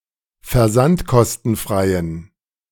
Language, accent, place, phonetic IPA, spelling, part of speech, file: German, Germany, Berlin, [fɛɐ̯ˈzantkɔstn̩ˌfʁaɪ̯ən], versandkostenfreien, adjective, De-versandkostenfreien.ogg
- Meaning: inflection of versandkostenfrei: 1. strong genitive masculine/neuter singular 2. weak/mixed genitive/dative all-gender singular 3. strong/weak/mixed accusative masculine singular